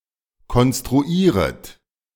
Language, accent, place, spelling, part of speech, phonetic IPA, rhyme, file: German, Germany, Berlin, konstruieret, verb, [kɔnstʁuˈiːʁət], -iːʁət, De-konstruieret.ogg
- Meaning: second-person plural subjunctive I of konstruieren